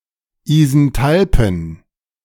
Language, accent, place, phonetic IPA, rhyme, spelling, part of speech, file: German, Germany, Berlin, [izɛnˈtalpn̩], -alpn̩, isenthalpen, adjective, De-isenthalpen.ogg
- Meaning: inflection of isenthalp: 1. strong genitive masculine/neuter singular 2. weak/mixed genitive/dative all-gender singular 3. strong/weak/mixed accusative masculine singular 4. strong dative plural